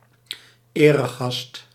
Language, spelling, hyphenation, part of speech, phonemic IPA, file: Dutch, eregast, ere‧gast, noun, /ˈeː.rəˌɣɑst/, Nl-eregast.ogg
- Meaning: guest of honor